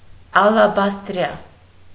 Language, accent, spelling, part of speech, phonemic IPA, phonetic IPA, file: Armenian, Eastern Armenian, ալաբաստրյա, adjective, /ɑlɑbɑstˈɾjɑ/, [ɑlɑbɑstɾjɑ́], Hy-ալաբաստրյա.ogg
- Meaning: alternative spelling of ալեբաստրյա (alebastrya)